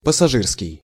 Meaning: passenger, commuter
- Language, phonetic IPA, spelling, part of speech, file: Russian, [pəsɐˈʐɨrskʲɪj], пассажирский, adjective, Ru-пассажирский.ogg